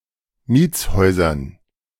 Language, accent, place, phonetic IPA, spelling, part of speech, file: German, Germany, Berlin, [ˈmiːt͡sˌhɔɪ̯zɐn], Mietshäusern, noun, De-Mietshäusern.ogg
- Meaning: dative plural of Mietshaus